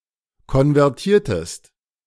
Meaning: inflection of konvertieren: 1. second-person singular preterite 2. second-person singular subjunctive II
- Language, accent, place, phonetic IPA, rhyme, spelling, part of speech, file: German, Germany, Berlin, [kɔnvɛʁˈtiːɐ̯təst], -iːɐ̯təst, konvertiertest, verb, De-konvertiertest.ogg